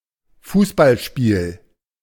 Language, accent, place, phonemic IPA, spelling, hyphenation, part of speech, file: German, Germany, Berlin, /ˈfuːsbalʃpiːl/, Fußballspiel, Fuß‧ball‧spiel, noun, De-Fußballspiel.ogg
- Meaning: 1. football, soccer 2. football match, soccer game